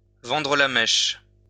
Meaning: to spill the beans, let the cat out of the bag
- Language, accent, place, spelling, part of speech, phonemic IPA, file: French, France, Lyon, vendre la mèche, verb, /vɑ̃.dʁə la mɛʃ/, LL-Q150 (fra)-vendre la mèche.wav